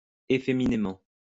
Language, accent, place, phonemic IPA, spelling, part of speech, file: French, France, Lyon, /e.fe.mi.ne.mɑ̃/, efféminément, adverb, LL-Q150 (fra)-efféminément.wav
- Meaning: effeminately